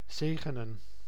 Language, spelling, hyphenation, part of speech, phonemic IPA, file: Dutch, zegenen, ze‧ge‧nen, verb, /ˈzeː.ɣə.nə(n)/, Nl-zegenen.ogg
- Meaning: to bless